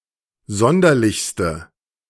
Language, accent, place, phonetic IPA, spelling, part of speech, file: German, Germany, Berlin, [ˈzɔndɐlɪçstə], sonderlichste, adjective, De-sonderlichste.ogg
- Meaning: inflection of sonderlich: 1. strong/mixed nominative/accusative feminine singular superlative degree 2. strong nominative/accusative plural superlative degree